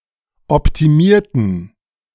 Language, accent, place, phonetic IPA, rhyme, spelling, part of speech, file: German, Germany, Berlin, [ɔptiˈmiːɐ̯tn̩], -iːɐ̯tn̩, optimierten, adjective / verb, De-optimierten.ogg
- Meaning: inflection of optimieren: 1. first/third-person plural preterite 2. first/third-person plural subjunctive II